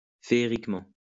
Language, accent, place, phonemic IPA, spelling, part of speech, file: French, France, Lyon, /fe.ʁik.mɑ̃/, féeriquement, adverb, LL-Q150 (fra)-féeriquement.wav
- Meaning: fairily